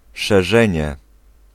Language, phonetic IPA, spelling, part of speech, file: Polish, [ʃɛˈʒɛ̃ɲɛ], szerzenie, noun, Pl-szerzenie.ogg